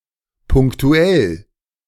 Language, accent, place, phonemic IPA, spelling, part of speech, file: German, Germany, Berlin, /pʊŋ(k)tʊˈɛl/, punktuell, adjective, De-punktuell.ogg
- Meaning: 1. limited to specific, selected points or instances (as opposed to being common, compehensive or otherwise large-scale) 2. semelfactive